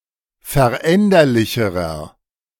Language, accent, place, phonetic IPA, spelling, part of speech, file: German, Germany, Berlin, [fɛɐ̯ˈʔɛndɐlɪçəʁɐ], veränderlicherer, adjective, De-veränderlicherer.ogg
- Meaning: inflection of veränderlich: 1. strong/mixed nominative masculine singular comparative degree 2. strong genitive/dative feminine singular comparative degree 3. strong genitive plural comparative degree